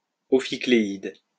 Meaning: ophicleide
- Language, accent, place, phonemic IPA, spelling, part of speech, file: French, France, Lyon, /ɔ.fi.kle.id/, ophicléide, noun, LL-Q150 (fra)-ophicléide.wav